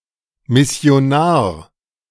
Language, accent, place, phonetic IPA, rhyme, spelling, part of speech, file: German, Germany, Berlin, [ˌmɪsi̯oˈnaːɐ̯], -aːɐ̯, Missionar, noun, De-Missionar.ogg
- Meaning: missionary